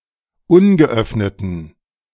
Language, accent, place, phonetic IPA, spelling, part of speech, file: German, Germany, Berlin, [ˈʊnɡəˌʔœfnətn̩], ungeöffneten, adjective, De-ungeöffneten.ogg
- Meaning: inflection of ungeöffnet: 1. strong genitive masculine/neuter singular 2. weak/mixed genitive/dative all-gender singular 3. strong/weak/mixed accusative masculine singular 4. strong dative plural